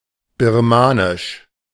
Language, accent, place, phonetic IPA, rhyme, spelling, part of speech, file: German, Germany, Berlin, [bɪʁˈmaːnɪʃ], -aːnɪʃ, birmanisch, adjective, De-birmanisch.ogg
- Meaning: Burmese